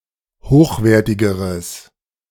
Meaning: strong/mixed nominative/accusative neuter singular comparative degree of hochwertig
- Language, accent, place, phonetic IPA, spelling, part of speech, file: German, Germany, Berlin, [ˈhoːxˌveːɐ̯tɪɡəʁəs], hochwertigeres, adjective, De-hochwertigeres.ogg